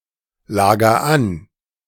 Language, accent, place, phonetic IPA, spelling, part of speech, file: German, Germany, Berlin, [ˌlaːɡɐ ˈan], lager an, verb, De-lager an.ogg
- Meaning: inflection of anlagern: 1. first-person singular present 2. singular imperative